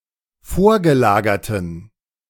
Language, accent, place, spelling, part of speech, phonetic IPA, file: German, Germany, Berlin, vorgelagerten, adjective, [ˈfoːɐ̯ɡəˌlaːɡɐtn̩], De-vorgelagerten.ogg
- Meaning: inflection of vorgelagert: 1. strong genitive masculine/neuter singular 2. weak/mixed genitive/dative all-gender singular 3. strong/weak/mixed accusative masculine singular 4. strong dative plural